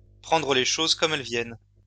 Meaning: to take things as they come, to take the rough with the smooth
- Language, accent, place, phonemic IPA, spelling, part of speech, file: French, France, Lyon, /pʁɑ̃.dʁə le ʃoz kɔm ɛl vjɛn/, prendre les choses comme elles viennent, verb, LL-Q150 (fra)-prendre les choses comme elles viennent.wav